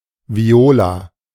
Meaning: 1. synonym of Bratsche 2. alternative form of Viole (“violet”)
- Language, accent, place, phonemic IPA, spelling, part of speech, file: German, Germany, Berlin, /ˈvi̯oːla/, Viola, noun, De-Viola.ogg